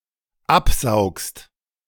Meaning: second-person singular dependent present of absaugen
- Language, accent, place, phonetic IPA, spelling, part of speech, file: German, Germany, Berlin, [ˈapˌzaʊ̯kst], absaugst, verb, De-absaugst.ogg